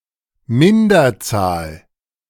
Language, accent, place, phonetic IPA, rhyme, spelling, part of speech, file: German, Germany, Berlin, [ˈmɪndɐˌt͡saːl], -ɪndɐt͡saːl, Minderzahl, noun, De-Minderzahl.ogg
- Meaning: minority, inferior number(s)